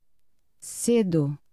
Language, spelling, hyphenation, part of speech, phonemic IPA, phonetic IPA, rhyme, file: Portuguese, cedo, ce‧do, adverb / verb, /ˈse.du/, [ˈse.ðu], -edu, Pt cedo.ogg
- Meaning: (adverb) 1. early (at a time before expected; sooner than usual) 2. early (near the start of the day); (verb) first-person singular present indicative of ceder